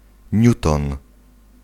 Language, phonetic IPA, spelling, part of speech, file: Polish, [ˈɲutɔ̃n], niuton, noun, Pl-niuton.ogg